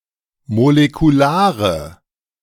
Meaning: inflection of molekular: 1. strong/mixed nominative/accusative feminine singular 2. strong nominative/accusative plural 3. weak nominative all-gender singular
- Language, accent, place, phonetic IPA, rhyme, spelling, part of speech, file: German, Germany, Berlin, [molekuˈlaːʁə], -aːʁə, molekulare, adjective, De-molekulare.ogg